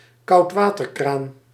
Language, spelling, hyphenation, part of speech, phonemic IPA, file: Dutch, koudwaterkraan, koud‧wa‧ter‧kraan, noun, /kɑu̯tˈʋaː.tərˌkraːn/, Nl-koudwaterkraan.ogg
- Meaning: cold-water tap